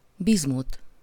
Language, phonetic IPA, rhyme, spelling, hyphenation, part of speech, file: Hungarian, [ˈbizmut], -ut, bizmut, biz‧mut, noun, Hu-bizmut.ogg
- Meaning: bismuth (chemical element)